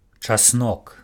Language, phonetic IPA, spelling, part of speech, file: Belarusian, [t͡ʂaˈsnok], часнок, noun, Be-часнок.ogg
- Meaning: garlic